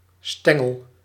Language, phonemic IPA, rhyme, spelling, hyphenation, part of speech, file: Dutch, /ˈstɛ.ŋəl/, -ɛŋəl, stengel, sten‧gel, noun, Nl-stengel.ogg
- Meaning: stalk